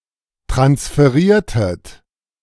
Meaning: inflection of transferieren: 1. second-person plural preterite 2. second-person plural subjunctive II
- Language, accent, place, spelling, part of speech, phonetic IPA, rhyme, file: German, Germany, Berlin, transferiertet, verb, [tʁansfəˈʁiːɐ̯tət], -iːɐ̯tət, De-transferiertet.ogg